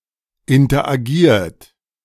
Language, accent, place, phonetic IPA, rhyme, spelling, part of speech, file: German, Germany, Berlin, [ɪntɐʔaˈɡiːɐ̯t], -iːɐ̯t, interagiert, verb, De-interagiert.ogg
- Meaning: 1. past participle of interagieren 2. inflection of interagieren: second-person plural present 3. inflection of interagieren: third-person singular present